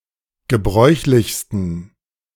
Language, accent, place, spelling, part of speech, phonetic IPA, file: German, Germany, Berlin, gebräuchlichsten, adjective, [ɡəˈbʁɔɪ̯çlɪçstn̩], De-gebräuchlichsten.ogg
- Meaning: 1. superlative degree of gebräuchlich 2. inflection of gebräuchlich: strong genitive masculine/neuter singular superlative degree